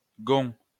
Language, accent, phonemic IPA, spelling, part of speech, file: French, France, /ɡɔ̃/, gond, noun, LL-Q150 (fra)-gond.wav
- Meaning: hinge (of a door)